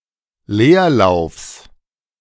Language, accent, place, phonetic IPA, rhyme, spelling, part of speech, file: German, Germany, Berlin, [ˈleːɐ̯ˌlaʊ̯fs], -eːɐ̯laʊ̯fs, Leerlaufs, noun, De-Leerlaufs.ogg
- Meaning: genitive singular of Leerlauf